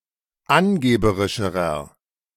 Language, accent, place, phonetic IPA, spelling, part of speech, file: German, Germany, Berlin, [ˈanˌɡeːbəʁɪʃəʁɐ], angeberischerer, adjective, De-angeberischerer.ogg
- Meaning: inflection of angeberisch: 1. strong/mixed nominative masculine singular comparative degree 2. strong genitive/dative feminine singular comparative degree 3. strong genitive plural comparative degree